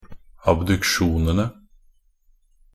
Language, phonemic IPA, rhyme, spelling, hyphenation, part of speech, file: Norwegian Bokmål, /abdʉkˈʃuːnənə/, -ənə, abduksjonene, ab‧duk‧sjo‧ne‧ne, noun, Nb-abduksjonene.ogg
- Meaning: definite plural of abduksjon